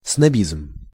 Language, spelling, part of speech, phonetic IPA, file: Russian, снобизм, noun, [snɐˈbʲizm], Ru-снобизм.ogg
- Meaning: snobbishness, snobbery